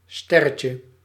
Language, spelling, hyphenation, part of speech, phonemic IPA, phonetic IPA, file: Dutch, sterretje, ster‧re‧tje, noun, /ˈstɛ.rə.tjə/, [ˈstɛ.rə.tjə], Nl-sterretje.ogg
- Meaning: 1. diminutive of ster 2. asterisk (*) 3. sparkler (type of firework)